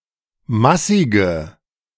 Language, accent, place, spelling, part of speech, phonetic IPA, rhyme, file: German, Germany, Berlin, massige, adjective, [ˈmasɪɡə], -asɪɡə, De-massige.ogg
- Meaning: inflection of massig: 1. strong/mixed nominative/accusative feminine singular 2. strong nominative/accusative plural 3. weak nominative all-gender singular 4. weak accusative feminine/neuter singular